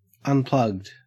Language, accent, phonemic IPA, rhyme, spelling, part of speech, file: English, Australia, /ʌnˈplʌɡd/, -ʌɡd, unplugged, adjective / verb, En-au-unplugged.ogg
- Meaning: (adjective) 1. Not plugged in 2. Using acoustic instruments, especially instead of electric ones 3. Without a plug or bung 4. Presented in a more low-key and intimate context than usual